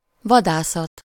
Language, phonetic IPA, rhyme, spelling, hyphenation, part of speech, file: Hungarian, [ˈvɒdaːsɒt], -ɒt, vadászat, va‧dá‧szat, noun, Hu-vadászat.ogg
- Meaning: hunt, venery (the act of hunting and shooting)